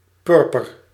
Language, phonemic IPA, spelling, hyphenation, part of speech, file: Dutch, /ˈpʏr.pər/, purper, pur‧per, noun / adjective, Nl-purper.ogg
- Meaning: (noun) 1. purple, especially a reddish hue of purple (colour) 2. the purple, imperial or royal power, in particular in relation to the Roman Empire; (adjective) 1. purple 2. reddish purple